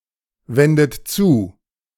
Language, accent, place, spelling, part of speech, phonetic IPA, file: German, Germany, Berlin, wendet zu, verb, [ˌvɛndət ˈt͡suː], De-wendet zu.ogg
- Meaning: inflection of zuwenden: 1. second-person plural present 2. third-person singular present 3. plural imperative